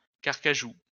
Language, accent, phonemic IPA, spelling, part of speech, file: French, France, /kaʁ.ka.ʒu/, carcajou, noun, LL-Q150 (fra)-carcajou.wav
- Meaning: 1. wolverine 2. a person who is fierce or otherwise displays the characters of a wolverine